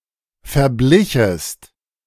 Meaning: second-person singular subjunctive II of verbleichen
- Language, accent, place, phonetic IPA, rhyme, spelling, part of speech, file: German, Germany, Berlin, [fɛɐ̯ˈblɪçəst], -ɪçəst, verblichest, verb, De-verblichest.ogg